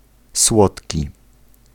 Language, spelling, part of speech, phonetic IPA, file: Polish, słodki, adjective, [ˈswɔtʲci], Pl-słodki.ogg